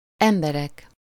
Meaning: nominative plural of ember (“people, persons”) (a body of human beings; a group of two or more persons)
- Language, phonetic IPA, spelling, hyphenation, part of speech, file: Hungarian, [ˈɛmbɛrɛk], emberek, em‧be‧rek, noun, Hu-emberek.ogg